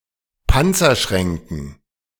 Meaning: dative plural of Panzerschrank
- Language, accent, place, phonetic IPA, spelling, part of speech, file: German, Germany, Berlin, [ˈpant͡sɐˌʃʁɛŋkn̩], Panzerschränken, noun, De-Panzerschränken.ogg